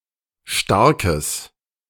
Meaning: strong/mixed nominative/accusative neuter singular of stark
- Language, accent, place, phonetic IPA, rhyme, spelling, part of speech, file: German, Germany, Berlin, [ˈʃtaʁkəs], -aʁkəs, starkes, adjective, De-starkes.ogg